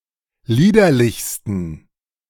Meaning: 1. superlative degree of liederlich 2. inflection of liederlich: strong genitive masculine/neuter singular superlative degree
- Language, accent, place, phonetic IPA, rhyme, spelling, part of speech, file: German, Germany, Berlin, [ˈliːdɐlɪçstn̩], -iːdɐlɪçstn̩, liederlichsten, adjective, De-liederlichsten.ogg